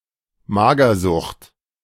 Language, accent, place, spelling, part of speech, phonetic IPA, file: German, Germany, Berlin, Magersucht, noun, [ˈmaːɡɐˌzʊxt], De-Magersucht.ogg
- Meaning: anorexia